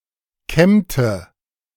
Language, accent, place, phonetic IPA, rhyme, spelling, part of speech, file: German, Germany, Berlin, [ˈkɛmtə], -ɛmtə, kämmte, verb, De-kämmte.ogg
- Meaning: inflection of kämmen: 1. first/third-person singular preterite 2. first/third-person singular subjunctive II